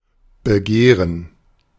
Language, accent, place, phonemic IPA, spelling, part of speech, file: German, Germany, Berlin, /bəˈɡeːʁən/, Begehren, noun, De-Begehren.ogg
- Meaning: 1. gerund of begehren 2. desire